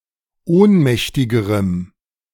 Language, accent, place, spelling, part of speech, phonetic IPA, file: German, Germany, Berlin, ohnmächtigerem, adjective, [ˈoːnˌmɛçtɪɡəʁəm], De-ohnmächtigerem.ogg
- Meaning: strong dative masculine/neuter singular comparative degree of ohnmächtig